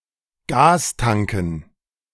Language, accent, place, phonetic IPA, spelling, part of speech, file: German, Germany, Berlin, [ˈɡaːsˌtaŋkn̩], Gastanken, noun, De-Gastanken.ogg
- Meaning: dative plural of Gastank